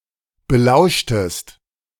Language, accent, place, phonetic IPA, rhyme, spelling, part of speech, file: German, Germany, Berlin, [bəˈlaʊ̯ʃtəst], -aʊ̯ʃtəst, belauschtest, verb, De-belauschtest.ogg
- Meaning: inflection of belauschen: 1. second-person singular preterite 2. second-person singular subjunctive II